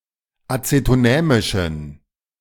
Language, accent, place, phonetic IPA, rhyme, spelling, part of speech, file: German, Germany, Berlin, [ˌat͡setoˈnɛːmɪʃn̩], -ɛːmɪʃn̩, azetonämischen, adjective, De-azetonämischen.ogg
- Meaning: inflection of azetonämisch: 1. strong genitive masculine/neuter singular 2. weak/mixed genitive/dative all-gender singular 3. strong/weak/mixed accusative masculine singular 4. strong dative plural